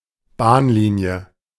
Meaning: railroad line, railway line
- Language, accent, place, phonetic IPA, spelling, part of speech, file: German, Germany, Berlin, [ˈbaːnˌliːni̯ə], Bahnlinie, noun, De-Bahnlinie.ogg